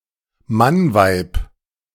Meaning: manly woman
- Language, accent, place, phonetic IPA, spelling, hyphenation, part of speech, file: German, Germany, Berlin, [ˈmanˌvaɪ̯p], Mannweib, Mann‧weib, noun, De-Mannweib.ogg